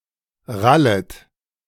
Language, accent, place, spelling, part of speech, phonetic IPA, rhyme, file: German, Germany, Berlin, rallet, verb, [ˈʁalət], -alət, De-rallet.ogg
- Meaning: second-person plural subjunctive I of rallen